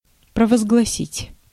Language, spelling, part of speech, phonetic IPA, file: Russian, провозгласить, verb, [prəvəzɡɫɐˈsʲitʲ], Ru-провозгласить.ogg
- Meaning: 1. to proclaim, to promulgate, to declare, to enunciate (solemnly or officially) 2. to acclaim (to declare by acclamations)